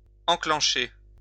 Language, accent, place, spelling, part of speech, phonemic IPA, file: French, France, Lyon, enclencher, verb, /ɑ̃.klɑ̃.ʃe/, LL-Q150 (fra)-enclencher.wav
- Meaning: to set off, start up, put in motion